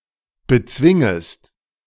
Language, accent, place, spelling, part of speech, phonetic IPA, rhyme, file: German, Germany, Berlin, bezwingest, verb, [bəˈt͡svɪŋəst], -ɪŋəst, De-bezwingest.ogg
- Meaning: second-person singular subjunctive I of bezwingen